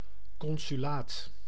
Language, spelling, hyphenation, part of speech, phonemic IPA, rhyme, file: Dutch, consulaat, con‧su‧laat, noun, /ˌkɔn.zyˈlaːt/, -aːt, Nl-consulaat.ogg
- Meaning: consulate, the quasi-diplomatic post (office and residency) of a consul, representing a foreign power's interests in a city and its hinterland